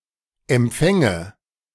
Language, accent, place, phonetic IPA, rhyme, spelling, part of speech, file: German, Germany, Berlin, [ɛmˈp͡fɛŋə], -ɛŋə, Empfänge, noun, De-Empfänge.ogg
- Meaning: nominative/accusative/genitive plural of Empfang